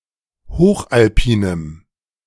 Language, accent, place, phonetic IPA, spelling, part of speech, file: German, Germany, Berlin, [ˈhoːxʔalˌpiːnəm], hochalpinem, adjective, De-hochalpinem.ogg
- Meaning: strong dative masculine/neuter singular of hochalpin